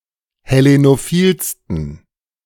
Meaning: 1. superlative degree of hellenophil 2. inflection of hellenophil: strong genitive masculine/neuter singular superlative degree
- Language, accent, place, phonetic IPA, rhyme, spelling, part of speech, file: German, Germany, Berlin, [hɛˌlenoˈfiːlstn̩], -iːlstn̩, hellenophilsten, adjective, De-hellenophilsten.ogg